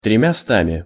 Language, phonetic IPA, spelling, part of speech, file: Russian, [trʲɪmʲɪˈstamʲɪ], тремястами, numeral, Ru-тремястами.ogg
- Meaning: instrumental of три́ста (trísta)